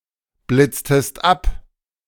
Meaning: inflection of abblitzen: 1. second-person singular preterite 2. second-person singular subjunctive II
- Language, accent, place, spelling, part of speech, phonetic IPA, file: German, Germany, Berlin, blitztest ab, verb, [ˌblɪt͡stəst ˈap], De-blitztest ab.ogg